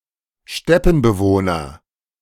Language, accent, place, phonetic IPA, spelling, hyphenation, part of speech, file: German, Germany, Berlin, [ˈʃtɛpn̩bəˌvoːnɐ], Steppenbewohner, Step‧pen‧be‧woh‧ner, noun, De-Steppenbewohner.ogg
- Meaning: a native to the steppes or similar grasslands